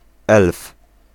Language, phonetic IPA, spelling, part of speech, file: Polish, [ɛlf], elf, noun, Pl-elf.ogg